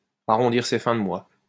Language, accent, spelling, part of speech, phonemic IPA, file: French, France, arrondir ses fins de mois, verb, /a.ʁɔ̃.diʁ se fɛ̃ də mwa/, LL-Q150 (fra)-arrondir ses fins de mois.wav
- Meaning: to gain a little extra money, to supplement one's income